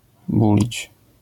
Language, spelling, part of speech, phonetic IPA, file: Polish, bulić, verb, [ˈbulʲit͡ɕ], LL-Q809 (pol)-bulić.wav